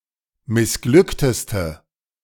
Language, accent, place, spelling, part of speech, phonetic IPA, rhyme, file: German, Germany, Berlin, missglückteste, adjective, [mɪsˈɡlʏktəstə], -ʏktəstə, De-missglückteste.ogg
- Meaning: inflection of missglückt: 1. strong/mixed nominative/accusative feminine singular superlative degree 2. strong nominative/accusative plural superlative degree